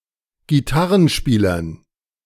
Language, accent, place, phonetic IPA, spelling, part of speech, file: German, Germany, Berlin, [ɡiˈtaʁənˌʃpiːlɐn], Gitarrenspielern, noun, De-Gitarrenspielern.ogg
- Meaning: dative plural of Gitarrenspieler